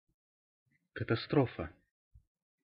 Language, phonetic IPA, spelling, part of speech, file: Russian, [kətɐˈstrofə], катастрофа, noun, Ru-катастрофа.ogg
- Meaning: 1. catastrophe, disaster, calamity 2. accident, crash